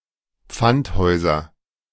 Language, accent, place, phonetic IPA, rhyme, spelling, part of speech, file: German, Germany, Berlin, [ˈp͡fantˌhɔɪ̯zɐ], -anthɔɪ̯zɐ, Pfandhäuser, noun, De-Pfandhäuser.ogg
- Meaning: nominative/accusative/genitive plural of Pfandhaus